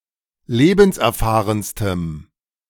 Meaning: strong dative masculine/neuter singular superlative degree of lebenserfahren
- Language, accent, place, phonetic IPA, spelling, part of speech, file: German, Germany, Berlin, [ˈleːbn̩sʔɛɐ̯ˌfaːʁənstəm], lebenserfahrenstem, adjective, De-lebenserfahrenstem.ogg